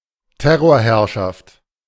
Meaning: reign of terror
- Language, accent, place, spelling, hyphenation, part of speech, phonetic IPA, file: German, Germany, Berlin, Terrorherrschaft, Ter‧ror‧herr‧schaft, noun, [ˈtɛʁoːɐ̯ˌhɛʁʃaft], De-Terrorherrschaft.ogg